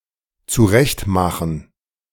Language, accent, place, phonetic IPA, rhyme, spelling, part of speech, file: German, Germany, Berlin, [t͡suˈʁɛçtˌmaxn̩], -ɛçtmaxn̩, zurechtmachen, verb, De-zurechtmachen.ogg
- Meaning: 1. to groom 2. to prepare (for use) 3. to put one's make-up on